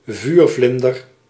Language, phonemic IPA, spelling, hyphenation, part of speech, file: Dutch, /ˈvyrˌvlɪn.dər/, vuurvlinder, vuur‧vlin‧der, noun, Nl-vuurvlinder.ogg
- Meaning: copper (term used to refer to certain butterflies of the genus Lycaena)